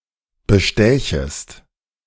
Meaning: second-person singular subjunctive I of bestechen
- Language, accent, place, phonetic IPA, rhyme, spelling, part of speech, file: German, Germany, Berlin, [bəˈʃtɛːçəst], -ɛːçəst, bestächest, verb, De-bestächest.ogg